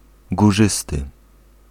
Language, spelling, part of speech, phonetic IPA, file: Polish, górzysty, adjective, [ɡuˈʒɨstɨ], Pl-górzysty.ogg